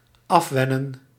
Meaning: 1. to unlearn, to lose or kick a habit 2. to wean
- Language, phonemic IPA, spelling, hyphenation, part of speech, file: Dutch, /ˈɑfˌʋɛ.nə(n)/, afwennen, af‧wen‧nen, verb, Nl-afwennen.ogg